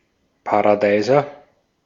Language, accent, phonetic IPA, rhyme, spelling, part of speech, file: German, Austria, [paʁaˈdaɪ̯zɐ], -aɪ̯zɐ, Paradeiser, noun, De-at-Paradeiser.ogg
- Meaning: tomato